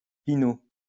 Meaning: 1. pinot 2. synonym of açaï
- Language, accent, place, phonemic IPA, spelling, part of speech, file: French, France, Lyon, /pi.no/, pinot, noun, LL-Q150 (fra)-pinot.wav